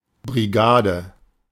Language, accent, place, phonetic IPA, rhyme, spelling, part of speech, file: German, Germany, Berlin, [bʁiˈɡaːdə], -aːdə, Brigade, noun, De-Brigade.ogg
- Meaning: 1. brigade, military unit 2. the smallest work-group in an industrial plant